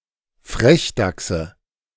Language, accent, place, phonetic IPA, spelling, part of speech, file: German, Germany, Berlin, [ˈfʁɛçˌdaksə], Frechdachse, noun, De-Frechdachse.ogg
- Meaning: nominative/accusative/genitive plural of Frechdachs